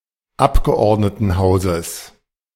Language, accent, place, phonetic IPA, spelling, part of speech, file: German, Germany, Berlin, [ˈapɡəʔɔʁdnətn̩ˌhaʊ̯zəs], Abgeordnetenhauses, noun, De-Abgeordnetenhauses.ogg
- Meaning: genitive singular of Abgeordnetenhaus